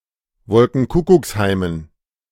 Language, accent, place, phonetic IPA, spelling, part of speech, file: German, Germany, Berlin, [ˈvɔlkŋ̩ˈkʊkʊksˌhaɪ̯mən], Wolkenkuckucksheimen, noun, De-Wolkenkuckucksheimen.ogg
- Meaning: dative plural of Wolkenkuckucksheim